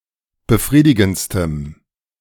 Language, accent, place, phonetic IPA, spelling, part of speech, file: German, Germany, Berlin, [bəˈfʁiːdɪɡn̩t͡stəm], befriedigendstem, adjective, De-befriedigendstem.ogg
- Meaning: strong dative masculine/neuter singular superlative degree of befriedigend